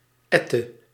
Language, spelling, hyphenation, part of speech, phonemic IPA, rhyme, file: Dutch, ette, et‧te, noun, /ˈɛ.tə/, -ɛtə, Nl-ette.ogg
- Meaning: 1. judge in Drenthe 2. judge